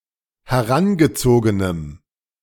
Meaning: strong dative masculine/neuter singular of herangezogen
- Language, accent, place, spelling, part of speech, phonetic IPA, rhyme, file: German, Germany, Berlin, herangezogenem, adjective, [hɛˈʁanɡəˌt͡soːɡənəm], -anɡət͡soːɡənəm, De-herangezogenem.ogg